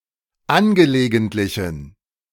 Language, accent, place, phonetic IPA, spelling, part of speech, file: German, Germany, Berlin, [ˈanɡəleːɡəntlɪçn̩], angelegentlichen, adjective, De-angelegentlichen.ogg
- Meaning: inflection of angelegentlich: 1. strong genitive masculine/neuter singular 2. weak/mixed genitive/dative all-gender singular 3. strong/weak/mixed accusative masculine singular 4. strong dative plural